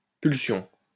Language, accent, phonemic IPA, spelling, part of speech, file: French, France, /pyl.sjɔ̃/, pulsion, noun, LL-Q150 (fra)-pulsion.wav
- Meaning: drive, urge